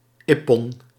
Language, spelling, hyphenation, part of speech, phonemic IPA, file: Dutch, ippon, ip‧pon, noun, /ˈɪ.pɔn/, Nl-ippon.ogg
- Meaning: ippon (full point)